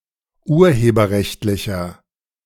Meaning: inflection of urheberrechtlich: 1. strong/mixed nominative masculine singular 2. strong genitive/dative feminine singular 3. strong genitive plural
- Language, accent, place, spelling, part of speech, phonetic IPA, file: German, Germany, Berlin, urheberrechtlicher, adjective, [ˈuːɐ̯heːbɐˌʁɛçtlɪçɐ], De-urheberrechtlicher.ogg